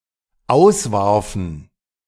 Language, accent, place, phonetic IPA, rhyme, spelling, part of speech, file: German, Germany, Berlin, [ˈaʊ̯sˌvaʁfn̩], -aʊ̯svaʁfn̩, auswarfen, verb, De-auswarfen.ogg
- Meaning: first/third-person plural dependent preterite of auswerfen